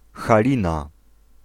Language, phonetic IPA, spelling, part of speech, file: Polish, [xaˈlʲĩna], Halina, proper noun, Pl-Halina.ogg